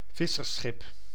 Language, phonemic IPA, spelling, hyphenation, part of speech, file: Dutch, /ˈvɪ.sərˌsxɪp/, vissersschip, vis‧sers‧schip, noun, Nl-vissersschip.ogg
- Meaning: fishing ship, large fishing boat